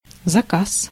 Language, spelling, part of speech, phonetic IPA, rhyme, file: Russian, заказ, noun, [zɐˈkas], -as, Ru-заказ.ogg
- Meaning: order (request for some product or service)